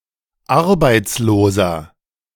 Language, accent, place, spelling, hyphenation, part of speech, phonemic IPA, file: German, Germany, Berlin, Arbeitsloser, Ar‧beits‧lo‧ser, noun, /ˈaʁbaɪ̯t͡sloːzɐ/, De-Arbeitsloser.ogg
- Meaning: 1. unemployed person (male or of unspecified gender) 2. inflection of Arbeitslose: strong genitive/dative singular 3. inflection of Arbeitslose: strong genitive plural